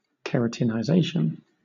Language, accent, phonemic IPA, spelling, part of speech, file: English, Southern England, /kəˌɹætɪnaɪˈzeɪʃən/, keratinization, noun, LL-Q1860 (eng)-keratinization.wav
- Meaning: The process by which cells from beneath the skin are converted to hair and nails (made of keratin)